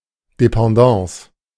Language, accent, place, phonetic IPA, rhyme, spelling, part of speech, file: German, Germany, Berlin, [depɑ̃ˈdɑ̃ːs], -ɑ̃ːs, Dépendance, noun, De-Dépendance.ogg
- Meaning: alternative spelling of Dependance